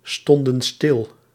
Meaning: inflection of stilstaan: 1. plural past indicative 2. plural past subjunctive
- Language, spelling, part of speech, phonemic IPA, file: Dutch, stonden stil, verb, /ˈstɔndə(n) ˈstɪl/, Nl-stonden stil.ogg